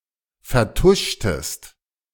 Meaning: inflection of vertuschen: 1. second-person singular preterite 2. second-person singular subjunctive II
- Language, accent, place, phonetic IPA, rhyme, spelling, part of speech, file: German, Germany, Berlin, [fɛɐ̯ˈtʊʃtəst], -ʊʃtəst, vertuschtest, verb, De-vertuschtest.ogg